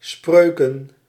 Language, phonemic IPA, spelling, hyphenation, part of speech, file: Dutch, /ˈsprøː.kə(n)/, Spreuken, Spreu‧ken, proper noun, Nl-Spreuken.ogg
- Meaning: Proverbs (book of the Hebrew Bible)